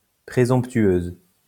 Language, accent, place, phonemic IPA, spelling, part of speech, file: French, France, Lyon, /pʁe.zɔ̃p.tɥøz/, présomptueuse, adjective, LL-Q150 (fra)-présomptueuse.wav
- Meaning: feminine singular of présomptueux